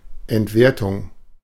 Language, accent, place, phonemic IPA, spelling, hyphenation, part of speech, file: German, Germany, Berlin, /ɛntˈveːɐ̯tʊŋ/, Entwertung, Ent‧wer‧tung, noun, De-Entwertung.ogg
- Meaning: devaluation